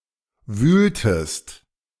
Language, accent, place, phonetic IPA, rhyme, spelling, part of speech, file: German, Germany, Berlin, [ˈvyːltəst], -yːltəst, wühltest, verb, De-wühltest.ogg
- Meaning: inflection of wühlen: 1. second-person singular preterite 2. second-person singular subjunctive II